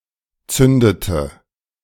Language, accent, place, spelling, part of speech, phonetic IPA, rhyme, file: German, Germany, Berlin, zündete, verb, [ˈt͡sʏndətə], -ʏndətə, De-zündete.ogg
- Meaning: inflection of zünden: 1. first/third-person singular preterite 2. first/third-person singular subjunctive II